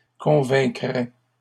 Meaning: third-person singular conditional of convaincre
- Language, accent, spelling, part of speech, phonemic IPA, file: French, Canada, convaincrait, verb, /kɔ̃.vɛ̃.kʁɛ/, LL-Q150 (fra)-convaincrait.wav